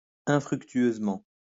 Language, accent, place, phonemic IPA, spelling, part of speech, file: French, France, Lyon, /ɛ̃.fʁyk.tɥøz.mɑ̃/, infructueusement, adverb, LL-Q150 (fra)-infructueusement.wav
- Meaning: unfruitfully